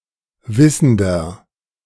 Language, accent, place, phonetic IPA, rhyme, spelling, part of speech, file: German, Germany, Berlin, [ˈvɪsn̩dɐ], -ɪsn̩dɐ, wissender, adjective, De-wissender.ogg
- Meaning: inflection of wissend: 1. strong/mixed nominative masculine singular 2. strong genitive/dative feminine singular 3. strong genitive plural